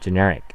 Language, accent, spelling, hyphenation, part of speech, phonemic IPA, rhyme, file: English, US, generic, ge‧ner‧ic, adjective / noun, /dʒɪˈnɛɹ.ɪk/, -ɛɹɪk, En-us-generic.ogg
- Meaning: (adjective) 1. Very broad; pertaining or appropriate to large classes or groups as opposed to specific instances 2. Lacking in precision, often in an evasive fashion; vague; imprecise